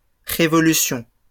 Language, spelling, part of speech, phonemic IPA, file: French, révolutions, noun, /ʁe.vɔ.ly.sjɔ̃/, LL-Q150 (fra)-révolutions.wav
- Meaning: plural of révolution